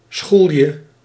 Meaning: 1. crook, thug, hoodlum 2. rascal, tomboy
- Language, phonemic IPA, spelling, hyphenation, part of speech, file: Dutch, /ˈsxul.jə/, schoelje, schoel‧je, noun, Nl-schoelje.ogg